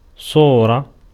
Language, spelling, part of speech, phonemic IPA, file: Arabic, صورة, noun, /sˤuː.ra/, Ar-صورة.ogg
- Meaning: 1. form, shape, figure 2. image, picture, photograph 3. copy 4. appearance 5. attribute 6. manner 7. character 8. face